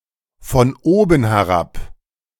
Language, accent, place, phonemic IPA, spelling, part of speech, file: German, Germany, Berlin, /fɔn ˌoːbən heˈʁap/, von oben herab, adverb, De-von oben herab.ogg
- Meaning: 1. patronisingly; condescendingly 2. patronising; condescending